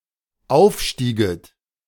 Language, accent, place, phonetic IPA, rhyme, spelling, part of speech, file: German, Germany, Berlin, [ˈaʊ̯fˌʃtiːɡət], -aʊ̯fʃtiːɡət, aufstieget, verb, De-aufstieget.ogg
- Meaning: second-person plural dependent subjunctive II of aufsteigen